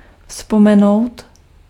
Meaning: to recall (to remember after forgetting)
- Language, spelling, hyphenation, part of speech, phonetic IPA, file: Czech, vzpomenout, vzpo‧me‧nout, verb, [ˈfspomɛnou̯t], Cs-vzpomenout.ogg